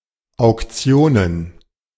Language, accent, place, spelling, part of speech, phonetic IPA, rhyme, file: German, Germany, Berlin, Auktionen, noun, [aʊ̯kˈt͡si̯oːnən], -oːnən, De-Auktionen.ogg
- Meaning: plural of Auktion